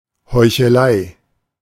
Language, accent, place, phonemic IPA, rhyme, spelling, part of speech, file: German, Germany, Berlin, /hɔɪ̯.çəˈlaɪ̯/, -aɪ̯, Heuchelei, noun, De-Heuchelei.ogg
- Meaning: hypocrisy